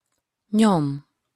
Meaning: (verb) 1. to press, push 2. to weigh 3. to do; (noun) 1. trace, trail, track 2. imprint (an impression; a mark resultant of printing)
- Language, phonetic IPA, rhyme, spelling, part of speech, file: Hungarian, [ˈɲom], -om, nyom, verb / noun, Hu-nyom.opus